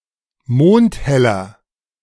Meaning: inflection of mondhell: 1. strong/mixed nominative masculine singular 2. strong genitive/dative feminine singular 3. strong genitive plural
- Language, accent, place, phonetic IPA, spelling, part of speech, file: German, Germany, Berlin, [ˈmoːnthɛlɐ], mondheller, adjective, De-mondheller.ogg